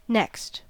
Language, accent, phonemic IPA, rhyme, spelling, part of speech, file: English, US, /nɛkst/, -ɛkst, next, adjective / determiner / adverb / preposition / noun, En-us-next.ogg
- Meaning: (adjective) Nearest in place or position, having nothing similar intervening; adjoining